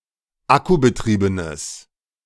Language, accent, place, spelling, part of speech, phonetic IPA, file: German, Germany, Berlin, akkubetriebenes, adjective, [ˈakubəˌtʁiːbənəs], De-akkubetriebenes.ogg
- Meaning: strong/mixed nominative/accusative neuter singular of akkubetrieben